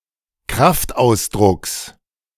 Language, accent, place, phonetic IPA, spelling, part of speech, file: German, Germany, Berlin, [ˈkʁaftˌʔaʊ̯sdʁʊks], Kraftausdrucks, noun, De-Kraftausdrucks.ogg
- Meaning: genitive of Kraftausdruck